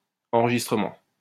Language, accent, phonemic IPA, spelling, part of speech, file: French, France, /ɑ̃.ʁə.ʒis.tʁə.mɑ̃/, enregistrement, noun, LL-Q150 (fra)-enregistrement.wav
- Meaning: 1. registration 2. save (act of saving data onto a disk) 3. check-in (at the airport) 4. recording (e.g. of music)